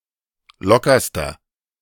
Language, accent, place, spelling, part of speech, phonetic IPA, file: German, Germany, Berlin, lockerster, adjective, [ˈlɔkɐstɐ], De-lockerster.ogg
- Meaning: inflection of locker: 1. strong/mixed nominative masculine singular superlative degree 2. strong genitive/dative feminine singular superlative degree 3. strong genitive plural superlative degree